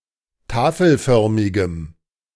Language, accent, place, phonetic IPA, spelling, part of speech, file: German, Germany, Berlin, [ˈtaːfl̩ˌfœʁmɪɡəm], tafelförmigem, adjective, De-tafelförmigem.ogg
- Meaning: strong dative masculine/neuter singular of tafelförmig